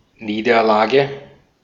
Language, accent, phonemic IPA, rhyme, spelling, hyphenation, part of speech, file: German, Austria, /ˈniːdɐˌlaːɡə/, -aːɡə, Niederlage, Nie‧der‧la‧ge, noun, De-at-Niederlage.ogg
- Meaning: defeat, loss